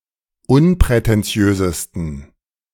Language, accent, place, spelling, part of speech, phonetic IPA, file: German, Germany, Berlin, unprätentiösesten, adjective, [ˈʊnpʁɛtɛnˌt͡si̯øːzəstn̩], De-unprätentiösesten.ogg
- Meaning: 1. superlative degree of unprätentiös 2. inflection of unprätentiös: strong genitive masculine/neuter singular superlative degree